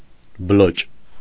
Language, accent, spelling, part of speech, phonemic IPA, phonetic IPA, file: Armenian, Eastern Armenian, բլոճ, noun, /bəˈlot͡ʃ/, [bəlót͡ʃ], Hy-բլոճ.ogg
- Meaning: 1. a bug, small insect of any kind 2. insignificant person